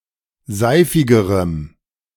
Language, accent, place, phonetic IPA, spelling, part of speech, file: German, Germany, Berlin, [ˈzaɪ̯fɪɡəʁəm], seifigerem, adjective, De-seifigerem.ogg
- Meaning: strong dative masculine/neuter singular comparative degree of seifig